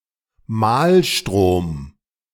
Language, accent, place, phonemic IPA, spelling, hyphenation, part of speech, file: German, Germany, Berlin, /ˈmaːlˌʃtʁoːm/, Mahlstrom, Mahl‧strom, noun / proper noun, De-Mahlstrom.ogg
- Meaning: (noun) whirlpool; maelstrom; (proper noun) Moskenstraumen (system of whirlpools off the Norwegian coast)